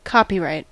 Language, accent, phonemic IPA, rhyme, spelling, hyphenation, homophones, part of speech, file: English, US, /ˈkɑpiˌɹaɪt/, -aɪt, copyright, copy‧right, copywrite, noun / verb, En-us-copyright.ogg
- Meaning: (noun) The right by law to be the entity which determines who may publish, copy and distribute a piece of writing, music, picture or other work of authorship